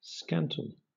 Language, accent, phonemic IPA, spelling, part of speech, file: English, Southern England, /ˈskæntəl/, scantle, verb / noun, LL-Q1860 (eng)-scantle.wav
- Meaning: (verb) 1. To scant; to be niggardly with; to divide into small pieces; to cut short or down 2. To be deficient; to fail; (noun) A gauge for measuring slates